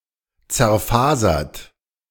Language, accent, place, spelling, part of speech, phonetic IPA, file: German, Germany, Berlin, zerfasert, verb, [t͡sɛɐ̯ˈfaːzɐt], De-zerfasert.ogg
- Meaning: past participle of zerfasern